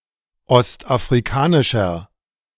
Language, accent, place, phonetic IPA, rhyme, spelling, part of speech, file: German, Germany, Berlin, [ˌɔstʔafʁiˈkaːnɪʃɐ], -aːnɪʃɐ, ostafrikanischer, adjective, De-ostafrikanischer.ogg
- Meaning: inflection of ostafrikanisch: 1. strong/mixed nominative masculine singular 2. strong genitive/dative feminine singular 3. strong genitive plural